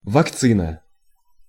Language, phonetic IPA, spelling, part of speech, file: Russian, [vɐkˈt͡sɨnə], вакцина, noun, Ru-вакцина.ogg
- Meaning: 1. vaccine 2. cowpox